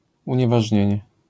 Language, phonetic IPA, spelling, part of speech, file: Polish, [ˌũɲɛvaʒʲˈɲɛ̇̃ɲɛ], unieważnienie, noun, LL-Q809 (pol)-unieważnienie.wav